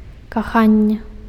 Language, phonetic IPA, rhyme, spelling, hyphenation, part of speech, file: Belarusian, [kaˈxanʲːe], -anʲːe, каханне, ка‧хан‧не, noun, Be-каханне.ogg
- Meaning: 1. love, especially romantic or erotic 2. dear one, loved one